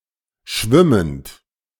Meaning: present participle of schwimmen
- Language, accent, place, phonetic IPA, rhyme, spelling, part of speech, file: German, Germany, Berlin, [ˈʃvɪmənt], -ɪmənt, schwimmend, adjective / verb, De-schwimmend.ogg